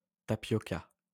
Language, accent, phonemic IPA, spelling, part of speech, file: French, France, /ta.pjɔ.ka/, tapioca, noun, LL-Q150 (fra)-tapioca.wav
- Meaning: tapioca